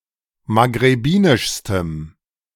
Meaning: strong dative masculine/neuter singular superlative degree of maghrebinisch
- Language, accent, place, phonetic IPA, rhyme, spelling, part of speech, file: German, Germany, Berlin, [maɡʁeˈbiːnɪʃstəm], -iːnɪʃstəm, maghrebinischstem, adjective, De-maghrebinischstem.ogg